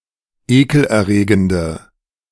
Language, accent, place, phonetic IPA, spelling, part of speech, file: German, Germany, Berlin, [ˈeːkl̩ʔɛɐ̯ˌʁeːɡəndə], ekelerregende, adjective, De-ekelerregende.ogg
- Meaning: inflection of ekelerregend: 1. strong/mixed nominative/accusative feminine singular 2. strong nominative/accusative plural 3. weak nominative all-gender singular